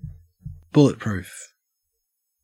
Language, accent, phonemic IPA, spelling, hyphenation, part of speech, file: English, Australia, /ˈbʊlɪtpɹʉːf/, bulletproof, bul‧let‧proof, adjective / verb / noun, En-au-bulletproof.ogg
- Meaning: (adjective) 1. Capable of withstanding a direct shot by a bullet fired from a gun 2. Reliable, infallible, sturdy or error-tolerant; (verb) To make proof against bullets